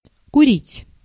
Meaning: 1. to smoke (tobacco etc.) 2. to burn, to fumigate 3. to distil
- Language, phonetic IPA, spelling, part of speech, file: Russian, [kʊˈrʲitʲ], курить, verb, Ru-курить.ogg